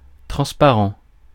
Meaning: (adjective) 1. transparent; see-through 2. translucid; allowing light to pass through 3. clear 4. transparent, easy to understand, unambiguous 5. unnoticed; invisible
- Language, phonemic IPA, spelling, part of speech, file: French, /tʁɑ̃s.pa.ʁɑ̃/, transparent, adjective / noun, Fr-transparent.ogg